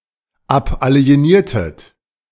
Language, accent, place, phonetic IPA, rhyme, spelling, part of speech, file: German, Germany, Berlin, [ˌapʔali̯eˈniːɐ̯tət], -iːɐ̯tət, abalieniertet, verb, De-abalieniertet.ogg
- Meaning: inflection of abalienieren: 1. second-person plural preterite 2. second-person plural subjunctive II